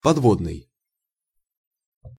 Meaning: 1. underwater, submarine, subsea 2. drayage
- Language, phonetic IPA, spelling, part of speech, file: Russian, [pɐdˈvodnɨj], подводный, adjective, Ru-подводный.ogg